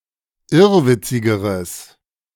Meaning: strong/mixed nominative/accusative neuter singular comparative degree of irrwitzig
- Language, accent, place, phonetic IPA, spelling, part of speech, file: German, Germany, Berlin, [ˈɪʁvɪt͡sɪɡəʁəs], irrwitzigeres, adjective, De-irrwitzigeres.ogg